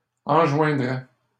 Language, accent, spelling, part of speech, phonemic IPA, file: French, Canada, enjoindrait, verb, /ɑ̃.ʒwɛ̃.dʁɛ/, LL-Q150 (fra)-enjoindrait.wav
- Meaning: third-person singular conditional of enjoindre